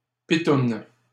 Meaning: 1. buckwheat pancake 2. felled log ready to be floated to the mill 3. stunner; bimbo
- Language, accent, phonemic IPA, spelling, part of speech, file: French, Canada, /pi.tun/, pitoune, noun, LL-Q150 (fra)-pitoune.wav